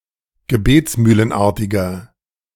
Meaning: inflection of gebetsmühlenartig: 1. strong/mixed nominative masculine singular 2. strong genitive/dative feminine singular 3. strong genitive plural
- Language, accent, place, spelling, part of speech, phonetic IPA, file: German, Germany, Berlin, gebetsmühlenartiger, adjective, [ɡəˈbeːt͡smyːlənˌʔaʁtɪɡɐ], De-gebetsmühlenartiger.ogg